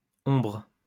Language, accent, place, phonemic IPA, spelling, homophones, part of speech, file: French, France, Lyon, /ɔ̃bʁ/, ombres, hombre / hombres / ombre / ombrent, noun / verb, LL-Q150 (fra)-ombres.wav
- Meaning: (noun) plural of ombre; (verb) second-person singular present indicative/subjunctive of ombrer